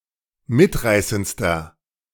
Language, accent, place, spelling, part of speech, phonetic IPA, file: German, Germany, Berlin, mitreißendster, adjective, [ˈmɪtˌʁaɪ̯sənt͡stɐ], De-mitreißendster.ogg
- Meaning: inflection of mitreißend: 1. strong/mixed nominative masculine singular superlative degree 2. strong genitive/dative feminine singular superlative degree 3. strong genitive plural superlative degree